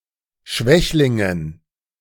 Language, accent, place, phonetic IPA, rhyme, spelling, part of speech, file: German, Germany, Berlin, [ˈʃvɛçlɪŋən], -ɛçlɪŋən, Schwächlingen, noun, De-Schwächlingen.ogg
- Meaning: dative plural of Schwächling